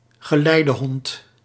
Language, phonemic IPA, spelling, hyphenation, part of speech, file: Dutch, /ɣəˈlɛi̯.dəˌɦɔnt/, geleidehond, ge‧lei‧de‧hond, noun, Nl-geleidehond.ogg
- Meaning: guide dog